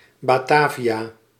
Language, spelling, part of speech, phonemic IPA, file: Dutch, Batavia, proper noun, /bɑˈtaː.vi.aː/, Nl-Batavia.ogg
- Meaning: former name of Jakarta, used during the Dutch East Indies period